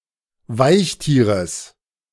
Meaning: genitive singular of Weichtier
- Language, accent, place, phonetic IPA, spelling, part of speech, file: German, Germany, Berlin, [ˈvaɪ̯çˌtiːʁəs], Weichtieres, noun, De-Weichtieres.ogg